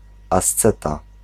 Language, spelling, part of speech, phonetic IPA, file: Polish, asceta, noun, [asˈt͡sɛta], Pl-asceta.ogg